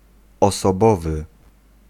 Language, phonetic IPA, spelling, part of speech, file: Polish, [ˌɔsɔˈbɔvɨ], osobowy, adjective / noun, Pl-osobowy.ogg